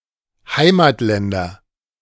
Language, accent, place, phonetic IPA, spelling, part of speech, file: German, Germany, Berlin, [ˈhaɪ̯maːtˌlɛndɐ], Heimatländer, noun, De-Heimatländer.ogg
- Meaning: nominative/accusative/genitive plural of Heimatland